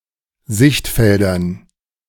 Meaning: dative plural of Sichtfeld
- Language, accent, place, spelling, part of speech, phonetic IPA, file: German, Germany, Berlin, Sichtfeldern, noun, [ˈzɪçtˌfɛldɐn], De-Sichtfeldern.ogg